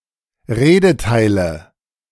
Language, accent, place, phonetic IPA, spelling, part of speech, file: German, Germany, Berlin, [ˈʁeːdəˌtaɪ̯lə], Redeteile, noun, De-Redeteile.ogg
- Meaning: 1. nominative/accusative/genitive plural of Redeteil 2. dative singular of Redeteil